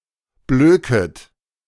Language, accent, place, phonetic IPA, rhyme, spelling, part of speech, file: German, Germany, Berlin, [ˈbløːkət], -øːkət, blöket, verb, De-blöket.ogg
- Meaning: second-person plural subjunctive I of blöken